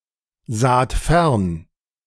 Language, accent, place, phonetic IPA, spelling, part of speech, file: German, Germany, Berlin, [ˌzaːt ˈfɛʁn], saht fern, verb, De-saht fern.ogg
- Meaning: second-person plural preterite of fernsehen